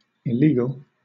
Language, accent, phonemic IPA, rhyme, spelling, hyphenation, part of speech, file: English, Southern England, /ɪˈliːɡəl/, -iːɡəl, illegal, il‧le‧gal, adjective / noun, LL-Q1860 (eng)-illegal.wav
- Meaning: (adjective) 1. Contrary to, forbidden, or not authorized by law, especially criminal law 2. Forbidden by established rules